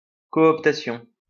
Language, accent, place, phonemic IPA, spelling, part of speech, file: French, France, Lyon, /kɔ.ɔp.ta.sjɔ̃/, cooptation, noun, LL-Q150 (fra)-cooptation.wav
- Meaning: cooptation